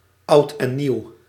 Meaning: alternative letter-case form of Oud en Nieuw
- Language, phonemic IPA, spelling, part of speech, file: Dutch, /ʌʊt ɛn niw/, oud en nieuw, phrase, Nl-oud en nieuw.ogg